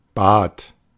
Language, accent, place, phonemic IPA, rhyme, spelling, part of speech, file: German, Germany, Berlin, /baːt/, -aːt, bat, verb, De-bat.ogg
- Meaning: first/third-person singular preterite of bitten